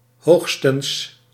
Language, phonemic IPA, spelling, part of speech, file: Dutch, /ˈɦoːxstə(n)s/, hoogstens, adverb, Nl-hoogstens.ogg
- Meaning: at most